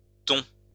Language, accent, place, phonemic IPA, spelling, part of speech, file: French, France, Lyon, /tɔ̃/, thons, noun, LL-Q150 (fra)-thons.wav
- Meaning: plural of thon